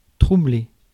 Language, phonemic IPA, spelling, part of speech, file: French, /tʁu.ble/, troubler, verb, Fr-troubler.ogg
- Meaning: 1. to disturb, disrupt (order, sleep, judgement etc.) 2. to disturb, to trouble (someone) 3. to cloud, become cloudy (of water); to become cloudy, become overcast (of sky) 4. to become flustered